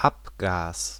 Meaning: emission, exhaust, exhaust gas, waste gas, exhaust fumes, offgas
- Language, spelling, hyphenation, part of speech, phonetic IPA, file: German, Abgas, Ab‧gas, noun, [ˈapɡaːs], De-Abgas.ogg